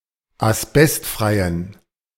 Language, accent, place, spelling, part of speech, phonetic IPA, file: German, Germany, Berlin, asbestfreien, adjective, [asˈbɛstˌfʁaɪ̯ən], De-asbestfreien.ogg
- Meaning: inflection of asbestfrei: 1. strong genitive masculine/neuter singular 2. weak/mixed genitive/dative all-gender singular 3. strong/weak/mixed accusative masculine singular 4. strong dative plural